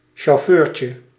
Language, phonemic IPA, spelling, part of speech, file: Dutch, /ʃoˈførcə/, chauffeurtje, noun, Nl-chauffeurtje.ogg
- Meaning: diminutive of chauffeur